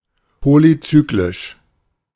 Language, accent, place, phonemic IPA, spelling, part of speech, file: German, Germany, Berlin, /ˌpolyˈt͡syːklɪʃ/, polyzyklisch, adjective, De-polyzyklisch.ogg
- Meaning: polycyclic